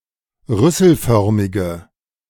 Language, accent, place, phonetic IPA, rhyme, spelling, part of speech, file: German, Germany, Berlin, [ˈʁʏsl̩ˌfœʁmɪɡə], -ʏsl̩fœʁmɪɡə, rüsselförmige, adjective, De-rüsselförmige.ogg
- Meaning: inflection of rüsselförmig: 1. strong/mixed nominative/accusative feminine singular 2. strong nominative/accusative plural 3. weak nominative all-gender singular